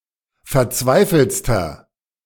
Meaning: inflection of verzweifelt: 1. strong/mixed nominative masculine singular superlative degree 2. strong genitive/dative feminine singular superlative degree 3. strong genitive plural superlative degree
- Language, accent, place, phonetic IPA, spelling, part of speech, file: German, Germany, Berlin, [fɛɐ̯ˈt͡svaɪ̯fl̩t͡stɐ], verzweifeltster, adjective, De-verzweifeltster.ogg